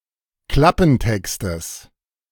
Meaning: genitive singular of Klappentext
- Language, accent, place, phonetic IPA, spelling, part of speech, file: German, Germany, Berlin, [ˈklapn̩ˌtɛkstəs], Klappentextes, noun, De-Klappentextes.ogg